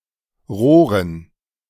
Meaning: dative plural of Rohr
- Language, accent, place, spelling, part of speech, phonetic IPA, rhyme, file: German, Germany, Berlin, Rohren, noun, [ˈʁoːʁən], -oːʁən, De-Rohren.ogg